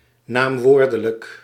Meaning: nominal
- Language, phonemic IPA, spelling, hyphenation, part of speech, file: Dutch, /ˌnaːmˈʋoːr.də.lək/, naamwoordelijk, naam‧woor‧de‧lijk, adjective, Nl-naamwoordelijk.ogg